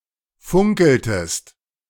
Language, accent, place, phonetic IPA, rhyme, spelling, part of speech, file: German, Germany, Berlin, [ˈfʊŋkl̩təst], -ʊŋkl̩təst, funkeltest, verb, De-funkeltest.ogg
- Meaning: inflection of funkeln: 1. second-person singular preterite 2. second-person singular subjunctive II